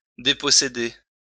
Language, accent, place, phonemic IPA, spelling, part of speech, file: French, France, Lyon, /de.pɔ.se.de/, déposséder, verb, LL-Q150 (fra)-déposséder.wav
- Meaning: to dispossess